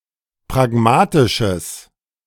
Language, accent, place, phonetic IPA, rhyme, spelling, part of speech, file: German, Germany, Berlin, [pʁaˈɡmaːtɪʃəs], -aːtɪʃəs, pragmatisches, adjective, De-pragmatisches.ogg
- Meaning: strong/mixed nominative/accusative neuter singular of pragmatisch